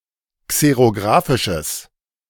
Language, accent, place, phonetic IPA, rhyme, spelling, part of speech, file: German, Germany, Berlin, [ˌkseʁoˈɡʁaːfɪʃəs], -aːfɪʃəs, xerografisches, adjective, De-xerografisches.ogg
- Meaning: strong/mixed nominative/accusative neuter singular of xerografisch